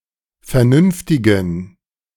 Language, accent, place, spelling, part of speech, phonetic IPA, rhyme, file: German, Germany, Berlin, vernünftigen, adjective, [fɛɐ̯ˈnʏnftɪɡn̩], -ʏnftɪɡn̩, De-vernünftigen.ogg
- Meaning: inflection of vernünftig: 1. strong genitive masculine/neuter singular 2. weak/mixed genitive/dative all-gender singular 3. strong/weak/mixed accusative masculine singular 4. strong dative plural